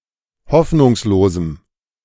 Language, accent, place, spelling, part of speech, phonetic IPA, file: German, Germany, Berlin, hoffnungslosem, adjective, [ˈhɔfnʊŋsloːzm̩], De-hoffnungslosem.ogg
- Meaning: strong dative masculine/neuter singular of hoffnungslos